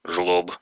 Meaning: 1. schlub 2. greedy, avaricious person 3. any large, burly man, often a bodybuilder 4. a person who does not participate in a criminal enterprise
- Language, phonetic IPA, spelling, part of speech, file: Russian, [ʐɫop], жлоб, noun, Ru-жлоб.ogg